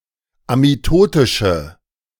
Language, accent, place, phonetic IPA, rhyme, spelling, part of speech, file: German, Germany, Berlin, [amiˈtoːtɪʃə], -oːtɪʃə, amitotische, adjective, De-amitotische.ogg
- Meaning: inflection of amitotisch: 1. strong/mixed nominative/accusative feminine singular 2. strong nominative/accusative plural 3. weak nominative all-gender singular